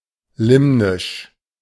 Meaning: limnic
- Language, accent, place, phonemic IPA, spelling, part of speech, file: German, Germany, Berlin, /ˈlɪmnɪʃ/, limnisch, adjective, De-limnisch.ogg